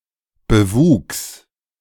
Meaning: growth (vegetative ground-cover)
- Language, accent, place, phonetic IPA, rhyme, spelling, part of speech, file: German, Germany, Berlin, [bəˈvuːks], -uːks, Bewuchs, noun, De-Bewuchs.ogg